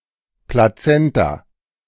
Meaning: placenta
- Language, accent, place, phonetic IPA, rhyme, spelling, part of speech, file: German, Germany, Berlin, [plaˈt͡sɛnta], -ɛnta, Plazenta, noun, De-Plazenta.ogg